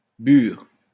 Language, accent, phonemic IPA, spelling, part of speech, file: French, France, /byʁ/, bure, noun, LL-Q150 (fra)-bure.wav
- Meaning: 1. frieze (cloth) 2. habit (monk's robe)